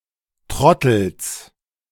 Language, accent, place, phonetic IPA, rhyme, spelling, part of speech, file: German, Germany, Berlin, [ˈtʁɔtl̩s], -ɔtl̩s, Trottels, noun, De-Trottels.ogg
- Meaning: genitive singular of Trottel